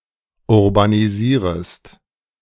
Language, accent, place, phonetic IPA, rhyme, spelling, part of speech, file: German, Germany, Berlin, [ʊʁbaniˈziːʁəst], -iːʁəst, urbanisierest, verb, De-urbanisierest.ogg
- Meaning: second-person singular subjunctive I of urbanisieren